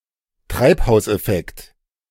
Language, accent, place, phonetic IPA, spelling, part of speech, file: German, Germany, Berlin, [ˈtʁaɪ̯phaʊ̯sʔɛˌfɛkt], Treibhauseffekt, noun, De-Treibhauseffekt.ogg
- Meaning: greenhouse effect